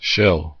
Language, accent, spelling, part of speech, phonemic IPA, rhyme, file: English, US, shill, noun / verb, /ʃɪl/, -ɪl, En-us-shill.ogg
- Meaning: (noun) 1. A person paid to endorse a product while pretending to be impartial 2. Any person enthusiastically endorsing a product; especially, one who is getting paid for the endorsement